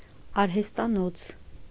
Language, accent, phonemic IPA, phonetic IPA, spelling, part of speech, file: Armenian, Eastern Armenian, /ɑɾhestɑˈnot͡sʰ/, [ɑɾhestɑnót͡sʰ], արհեստանոց, noun, Hy-արհեստանոց.ogg
- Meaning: workshop; repair shop; studio